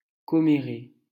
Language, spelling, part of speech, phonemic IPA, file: French, commérer, verb, /kɔ.me.ʁe/, LL-Q150 (fra)-commérer.wav
- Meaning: to gossip (to talk about others' personal information)